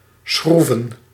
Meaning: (verb) 1. to screw, manipulate a screw 2. to circle upwards without flapping the wings much if at all, carried by currents of rising hot air; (noun) plural of schroef
- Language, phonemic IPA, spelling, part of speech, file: Dutch, /ˈsxruvə(n)/, schroeven, verb / noun, Nl-schroeven.ogg